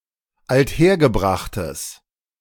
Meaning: strong/mixed nominative/accusative neuter singular of althergebracht
- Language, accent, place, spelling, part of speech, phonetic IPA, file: German, Germany, Berlin, althergebrachtes, adjective, [altˈheːɐ̯ɡəˌbʁaxtəs], De-althergebrachtes.ogg